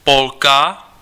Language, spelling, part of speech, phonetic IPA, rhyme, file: Czech, Polka, noun, [ˈpolka], -olka, Cs-Polka.ogg
- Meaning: female Pole (female Polish person)